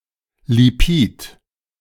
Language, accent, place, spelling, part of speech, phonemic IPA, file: German, Germany, Berlin, Lipid, noun, /liˈpiːt/, De-Lipid.ogg
- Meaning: lipid